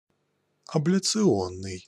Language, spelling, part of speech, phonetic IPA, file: Russian, абляционный, adjective, [ɐblʲɪt͡sɨˈonːɨj], Ru-абляционный.ogg
- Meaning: ablation; ablative